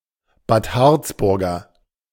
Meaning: of Bad Harzburg
- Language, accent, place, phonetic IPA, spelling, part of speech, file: German, Germany, Berlin, [baːt ˈhaʁt͡sˌbʊʁɡɐ], Bad Harzburger, adjective, De-Bad Harzburger.ogg